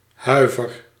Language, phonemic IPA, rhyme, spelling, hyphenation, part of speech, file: Dutch, /ˈɦœy̯.vər/, -œy̯vər, huiver, hui‧ver, noun / verb, Nl-huiver.ogg
- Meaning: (noun) 1. shiver (out of fear or from the cold), tremble 2. fear, trepidation; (verb) inflection of huiveren: 1. first-person singular present indicative 2. second-person singular present indicative